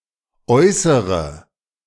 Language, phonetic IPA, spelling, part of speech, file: German, [ˈɔɪ̯səʁə], Äußere, noun, De-Äußere.ogg